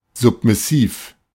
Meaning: submissive
- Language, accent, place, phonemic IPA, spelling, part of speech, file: German, Germany, Berlin, /ˌzʊpmɪˈsiːf/, submissiv, adjective, De-submissiv.ogg